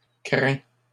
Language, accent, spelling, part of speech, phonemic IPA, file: French, Canada, craints, verb, /kʁɛ̃/, LL-Q150 (fra)-craints.wav
- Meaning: masculine plural of craint